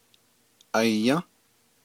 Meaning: to eat
- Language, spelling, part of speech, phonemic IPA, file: Navajo, ayą́, verb, /ʔɑ̀jɑ̃́/, Nv-ayą́.ogg